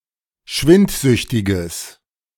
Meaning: strong/mixed nominative/accusative neuter singular of schwindsüchtig
- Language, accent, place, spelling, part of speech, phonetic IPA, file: German, Germany, Berlin, schwindsüchtiges, adjective, [ˈʃvɪntˌzʏçtɪɡəs], De-schwindsüchtiges.ogg